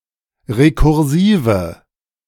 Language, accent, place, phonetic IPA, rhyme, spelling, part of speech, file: German, Germany, Berlin, [ʁekʊʁˈziːvə], -iːvə, rekursive, adjective, De-rekursive.ogg
- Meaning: inflection of rekursiv: 1. strong/mixed nominative/accusative feminine singular 2. strong nominative/accusative plural 3. weak nominative all-gender singular